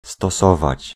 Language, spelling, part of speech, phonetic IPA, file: Polish, stosować, verb, [stɔˈsɔvat͡ɕ], Pl-stosować.ogg